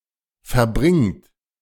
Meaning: inflection of verbringen: 1. third-person singular present 2. second-person plural present 3. plural imperative
- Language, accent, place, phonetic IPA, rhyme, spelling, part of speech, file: German, Germany, Berlin, [fɛɐ̯ˈbʁɪŋt], -ɪŋt, verbringt, verb, De-verbringt.ogg